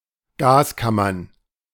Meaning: plural of Gaskammer
- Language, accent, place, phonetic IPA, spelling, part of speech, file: German, Germany, Berlin, [ˈɡaːsˌkamɐn], Gaskammern, noun, De-Gaskammern.ogg